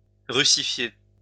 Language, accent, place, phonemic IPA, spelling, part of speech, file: French, France, Lyon, /ʁy.si.fje/, russifier, verb, LL-Q150 (fra)-russifier.wav
- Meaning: to Russify